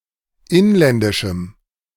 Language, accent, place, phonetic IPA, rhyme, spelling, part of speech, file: German, Germany, Berlin, [ˈɪnlɛndɪʃm̩], -ɪnlɛndɪʃm̩, inländischem, adjective, De-inländischem.ogg
- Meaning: strong dative masculine/neuter singular of inländisch